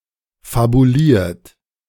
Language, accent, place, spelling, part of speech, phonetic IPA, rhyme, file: German, Germany, Berlin, fabuliert, verb, [fabuˈliːɐ̯t], -iːɐ̯t, De-fabuliert.ogg
- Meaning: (verb) past participle of fabulieren; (adjective) invented